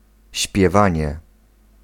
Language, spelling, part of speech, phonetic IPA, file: Polish, śpiewanie, noun, [ɕpʲjɛˈvãɲɛ], Pl-śpiewanie.ogg